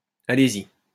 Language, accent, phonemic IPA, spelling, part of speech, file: French, France, /a.le.z‿i/, allez-y, phrase, LL-Q150 (fra)-allez-y.wav
- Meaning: go ahead; go on